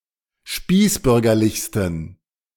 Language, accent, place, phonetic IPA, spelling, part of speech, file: German, Germany, Berlin, [ˈʃpiːsˌbʏʁɡɐlɪçstn̩], spießbürgerlichsten, adjective, De-spießbürgerlichsten.ogg
- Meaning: 1. superlative degree of spießbürgerlich 2. inflection of spießbürgerlich: strong genitive masculine/neuter singular superlative degree